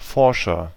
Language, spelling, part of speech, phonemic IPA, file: German, Forscher, noun, /ˈfɔʁʃɐ/, De-Forscher.ogg
- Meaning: agent noun of forschen: researcher